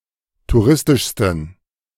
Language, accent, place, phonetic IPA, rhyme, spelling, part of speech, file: German, Germany, Berlin, [tuˈʁɪstɪʃstn̩], -ɪstɪʃstn̩, touristischsten, adjective, De-touristischsten.ogg
- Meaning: 1. superlative degree of touristisch 2. inflection of touristisch: strong genitive masculine/neuter singular superlative degree